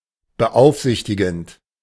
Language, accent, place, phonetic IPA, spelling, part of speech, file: German, Germany, Berlin, [bəˈʔaʊ̯fˌzɪçtɪɡn̩t], beaufsichtigend, verb, De-beaufsichtigend.ogg
- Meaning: present participle of beaufsichtigen